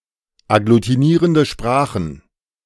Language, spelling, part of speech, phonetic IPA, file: German, agglutinierende Sprachen, noun, [aɡlutiˈniːʁəndə ˈʃpʁaːxn̩], De-agglutinierende Sprachen.ogg